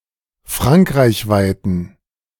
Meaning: inflection of frankreichweit: 1. strong genitive masculine/neuter singular 2. weak/mixed genitive/dative all-gender singular 3. strong/weak/mixed accusative masculine singular 4. strong dative plural
- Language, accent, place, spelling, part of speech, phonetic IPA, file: German, Germany, Berlin, frankreichweiten, adjective, [ˈfʁaŋkʁaɪ̯çˌvaɪ̯tn̩], De-frankreichweiten.ogg